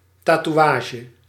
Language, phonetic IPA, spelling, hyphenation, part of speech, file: Dutch, [tatuˈaːʒə], tatoeage, ta‧toe‧a‧ge, noun, Nl-tatoeage.ogg
- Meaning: tattoo